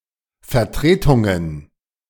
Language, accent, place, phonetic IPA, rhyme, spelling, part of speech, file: German, Germany, Berlin, [fɛɐ̯ˈtʁeːtʊŋən], -eːtʊŋən, Vertretungen, noun, De-Vertretungen.ogg
- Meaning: plural of Vertretung